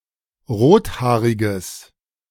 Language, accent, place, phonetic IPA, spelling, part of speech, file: German, Germany, Berlin, [ˈʁoːtˌhaːʁɪɡəs], rothaariges, adjective, De-rothaariges.ogg
- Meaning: strong/mixed nominative/accusative neuter singular of rothaarig